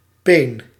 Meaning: carrot (Daucus carota)
- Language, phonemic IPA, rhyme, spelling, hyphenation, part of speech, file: Dutch, /peːn/, -eːn, peen, peen, noun, Nl-peen.ogg